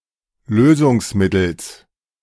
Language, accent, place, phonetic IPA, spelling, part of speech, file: German, Germany, Berlin, [ˈløːzʊŋsˌmɪtl̩s], Lösungsmittels, noun, De-Lösungsmittels.ogg
- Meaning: genitive singular of Lösungsmittel